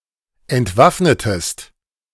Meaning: inflection of entwaffnen: 1. second-person singular preterite 2. second-person singular subjunctive II
- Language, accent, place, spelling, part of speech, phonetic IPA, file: German, Germany, Berlin, entwaffnetest, verb, [ɛntˈvafnətəst], De-entwaffnetest.ogg